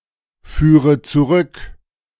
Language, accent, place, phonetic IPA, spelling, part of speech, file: German, Germany, Berlin, [ˌfyːʁə t͡suˈʁʏk], führe zurück, verb, De-führe zurück.ogg
- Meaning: inflection of zurückführen: 1. first-person singular present 2. first/third-person singular subjunctive I 3. singular imperative